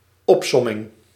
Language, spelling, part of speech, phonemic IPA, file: Dutch, opsomming, noun, /ˈɔp.sɔ.mɪŋ/, Nl-opsomming.ogg
- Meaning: 1. enumeration 2. list 3. sum Note: opsomming will typically translate to the verb sum, not the noun, the noun sum will typically translate to som